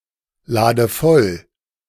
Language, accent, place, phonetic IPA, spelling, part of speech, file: German, Germany, Berlin, [ˌlaːdə ˈfɔl], lade voll, verb, De-lade voll.ogg
- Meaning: inflection of vollladen: 1. first-person singular present 2. first/third-person singular subjunctive I 3. singular imperative